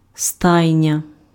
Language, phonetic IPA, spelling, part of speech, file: Ukrainian, [ˈstai̯nʲɐ], стайня, noun, Uk-стайня.ogg
- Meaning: 1. stable 2. stable (group of horses) 3. barn